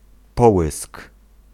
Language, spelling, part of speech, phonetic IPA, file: Polish, połysk, noun, [ˈpɔwɨsk], Pl-połysk.ogg